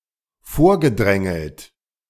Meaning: past participle of vordrängeln
- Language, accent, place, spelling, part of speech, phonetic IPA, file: German, Germany, Berlin, vorgedrängelt, verb, [ˈfoːɐ̯ɡəˌdʁɛŋl̩t], De-vorgedrängelt.ogg